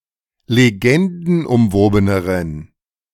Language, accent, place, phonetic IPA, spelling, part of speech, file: German, Germany, Berlin, [leˈɡɛndn̩ʔʊmˌvoːbənəʁən], legendenumwobeneren, adjective, De-legendenumwobeneren.ogg
- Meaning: inflection of legendenumwoben: 1. strong genitive masculine/neuter singular comparative degree 2. weak/mixed genitive/dative all-gender singular comparative degree